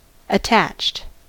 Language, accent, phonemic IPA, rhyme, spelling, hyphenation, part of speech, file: English, General American, /əˈtæt͡ʃt/, -ætʃt, attached, at‧tached, verb / adjective, En-us-attached.ogg
- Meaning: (verb) simple past and past participle of attach; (adjective) 1. Connected; joined 2. Fond of (used with to)